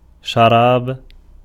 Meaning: 1. drink, beverage 2. wine 3. fruit syrup, syrup
- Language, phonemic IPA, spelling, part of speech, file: Arabic, /ʃa.raːb/, شراب, noun, Ar-شراب.ogg